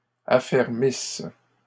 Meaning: second-person singular present/imperfect subjunctive of affermir
- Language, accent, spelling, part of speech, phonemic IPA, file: French, Canada, affermisses, verb, /a.fɛʁ.mis/, LL-Q150 (fra)-affermisses.wav